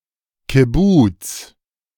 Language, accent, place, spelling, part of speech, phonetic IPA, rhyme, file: German, Germany, Berlin, Kibbuz, noun, [kɪˈbuːt͡s], -uːt͡s, De-Kibbuz.ogg
- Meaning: kibbutz (a collective community in Israel that was traditionally based on agriculture)